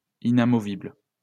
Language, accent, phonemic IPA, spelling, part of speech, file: French, France, /i.na.mɔ.vibl/, inamovible, adjective, LL-Q150 (fra)-inamovible.wav
- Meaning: 1. unremovable; fixed, stationary 2. untouchable 3. unceasing